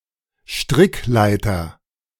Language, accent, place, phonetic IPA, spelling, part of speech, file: German, Germany, Berlin, [ˈʃtʁɪkˌlaɪ̯tɐ], Strickleiter, noun, De-Strickleiter.ogg
- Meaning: rope ladder (flexible ladder)